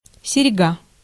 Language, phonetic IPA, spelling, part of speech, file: Russian, [sʲɪrʲˈɡa], серьга, noun, Ru-серьга.ogg
- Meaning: earring